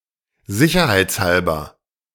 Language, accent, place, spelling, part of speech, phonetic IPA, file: German, Germany, Berlin, sicherheitshalber, adverb, [ˈzɪçɐhaɪ̯t͡sˌhalbɐ], De-sicherheitshalber.ogg
- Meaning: 1. preventively 2. as a precaution